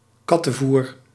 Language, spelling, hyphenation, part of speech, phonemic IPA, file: Dutch, kattenvoer, kat‧ten‧voer, noun, /ˈkɑ.tə(n)ˌvur/, Nl-kattenvoer.ogg
- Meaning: cat food